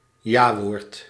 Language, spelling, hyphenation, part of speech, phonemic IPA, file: Dutch, jawoord, ja‧woord, noun, /jaʋɔːrt/, Nl-jawoord.ogg
- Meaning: acceptance of a marriage proposal